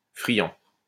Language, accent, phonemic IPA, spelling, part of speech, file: French, France, /fʁi.jɑ̃/, friand, adjective / noun, LL-Q150 (fra)-friand.wav
- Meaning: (adjective) 1. cultured, having good taste 2. delicious, tasty; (noun) friand (a sausage wrapped in puff pastry)